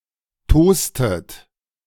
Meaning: inflection of tosen: 1. second-person plural preterite 2. second-person plural subjunctive II
- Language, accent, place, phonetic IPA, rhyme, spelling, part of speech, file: German, Germany, Berlin, [ˈtoːstət], -oːstət, tostet, verb, De-tostet.ogg